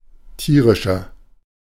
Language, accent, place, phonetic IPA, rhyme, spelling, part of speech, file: German, Germany, Berlin, [ˈtiːʁɪʃɐ], -iːʁɪʃɐ, tierischer, adjective, De-tierischer.ogg
- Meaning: 1. comparative degree of tierisch 2. inflection of tierisch: strong/mixed nominative masculine singular 3. inflection of tierisch: strong genitive/dative feminine singular